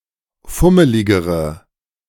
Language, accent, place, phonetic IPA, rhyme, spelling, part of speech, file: German, Germany, Berlin, [ˈfʊməlɪɡəʁə], -ʊməlɪɡəʁə, fummeligere, adjective, De-fummeligere.ogg
- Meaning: inflection of fummelig: 1. strong/mixed nominative/accusative feminine singular comparative degree 2. strong nominative/accusative plural comparative degree